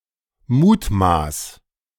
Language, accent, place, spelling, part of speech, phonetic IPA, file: German, Germany, Berlin, mutmaß, verb, [ˈmuːtˌmaːs], De-mutmaß.ogg
- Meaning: 1. singular imperative of mutmaßen 2. first-person singular present of mutmaßen